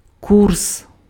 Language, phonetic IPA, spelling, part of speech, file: Ukrainian, [kurs], курс, noun, Uk-курс.ogg
- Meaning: 1. course, policy, line, route 2. rate (of exchange) 3. course, year